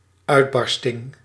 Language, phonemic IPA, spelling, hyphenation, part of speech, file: Dutch, /ˈœy̯tˌbɑr.stɪŋ/, uitbarsting, uit‧bar‧sting, noun, Nl-uitbarsting.ogg
- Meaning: eruption, outburst